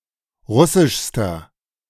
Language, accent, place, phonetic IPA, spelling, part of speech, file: German, Germany, Berlin, [ˈʁʊsɪʃstɐ], russischster, adjective, De-russischster.ogg
- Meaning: inflection of russisch: 1. strong/mixed nominative masculine singular superlative degree 2. strong genitive/dative feminine singular superlative degree 3. strong genitive plural superlative degree